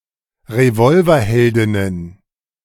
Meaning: plural of Revolverheldin
- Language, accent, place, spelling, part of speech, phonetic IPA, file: German, Germany, Berlin, Revolverheldinnen, noun, [ʁeˈvɔlvɐˌhɛldɪnən], De-Revolverheldinnen.ogg